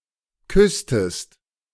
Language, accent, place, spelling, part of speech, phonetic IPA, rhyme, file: German, Germany, Berlin, küsstest, verb, [ˈkʏstəst], -ʏstəst, De-küsstest.ogg
- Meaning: inflection of küssen: 1. second-person singular preterite 2. second-person singular subjunctive II